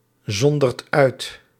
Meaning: inflection of uitzonderen: 1. second/third-person singular present indicative 2. plural imperative
- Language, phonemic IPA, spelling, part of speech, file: Dutch, /ˈzɔndərt ˈœyt/, zondert uit, verb, Nl-zondert uit.ogg